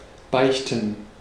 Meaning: to confess (sins)
- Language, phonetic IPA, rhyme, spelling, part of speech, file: German, [ˈbaɪ̯çtn̩], -aɪ̯çtn̩, beichten, verb, De-beichten.ogg